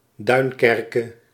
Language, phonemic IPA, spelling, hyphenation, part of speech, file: Dutch, /ˈdœy̯nˌkɛrkə/, Duinkerke, Duin‧ker‧ke, proper noun, Nl-Duinkerke.ogg
- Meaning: Dunkirk (a town in Nord department, Hauts-de-France, France)